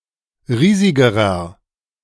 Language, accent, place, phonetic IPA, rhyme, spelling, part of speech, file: German, Germany, Berlin, [ˈʁiːzɪɡəʁɐ], -iːzɪɡəʁɐ, riesigerer, adjective, De-riesigerer.ogg
- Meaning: inflection of riesig: 1. strong/mixed nominative masculine singular comparative degree 2. strong genitive/dative feminine singular comparative degree 3. strong genitive plural comparative degree